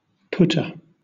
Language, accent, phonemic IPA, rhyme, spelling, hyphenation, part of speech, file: English, Southern England, /ˈpʊtə(ɹ)/, -ʊtə(ɹ), putter, putt‧er, noun, LL-Q1860 (eng)-putter.wav
- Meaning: 1. One who puts or places 2. A shot-putter 3. One who pushes the small wagons in a coal mine, to transport the coal mined by the getter